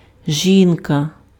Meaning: 1. woman 2. wife
- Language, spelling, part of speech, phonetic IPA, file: Ukrainian, жінка, noun, [ˈʒʲinkɐ], Uk-жінка.ogg